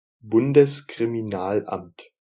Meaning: federal office of criminal investigations
- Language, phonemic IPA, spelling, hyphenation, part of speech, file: German, /ˈbʊndəskʁimiˌnaːlʔamt/, Bundeskriminalamt, Bun‧des‧kri‧mi‧nal‧amt, noun, De-Bundeskriminalamt.ogg